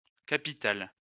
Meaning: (adjective) feminine plural of capital; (noun) plural of capitale
- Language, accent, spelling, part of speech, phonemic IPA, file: French, France, capitales, adjective / noun, /ka.pi.tal/, LL-Q150 (fra)-capitales.wav